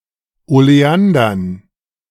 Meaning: dative plural of Oleander
- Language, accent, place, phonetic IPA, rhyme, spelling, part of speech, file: German, Germany, Berlin, [oleˈandɐn], -andɐn, Oleandern, noun, De-Oleandern.ogg